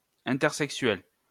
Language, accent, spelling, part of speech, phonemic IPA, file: French, France, intersexuels, adjective, /ɛ̃.tɛʁ.sɛk.sɥɛl/, LL-Q150 (fra)-intersexuels.wav
- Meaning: masculine plural of intersexuel